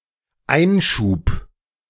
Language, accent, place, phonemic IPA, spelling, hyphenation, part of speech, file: German, Germany, Berlin, /ˈaɪ̯nˌʃuːp/, Einschub, Ein‧schub, noun, De-Einschub.ogg
- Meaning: 1. parenthesis 2. apposition